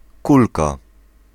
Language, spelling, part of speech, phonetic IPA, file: Polish, kulka, noun, [ˈkulka], Pl-kulka.ogg